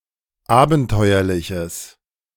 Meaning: strong/mixed nominative/accusative neuter singular of abenteuerlich
- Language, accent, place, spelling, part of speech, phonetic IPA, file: German, Germany, Berlin, abenteuerliches, adjective, [ˈaːbn̩ˌtɔɪ̯ɐlɪçəs], De-abenteuerliches.ogg